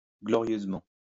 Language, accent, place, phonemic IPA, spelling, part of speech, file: French, France, Lyon, /ɡlɔ.ʁjøz.mɑ̃/, glorieusement, adverb, LL-Q150 (fra)-glorieusement.wav
- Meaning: gloriously